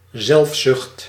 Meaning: egoism (tendency to think of self)
- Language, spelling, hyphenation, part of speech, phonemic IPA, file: Dutch, zelfzucht, zelf‧zucht, noun, /ˈzɛlf.sʏxt/, Nl-zelfzucht.ogg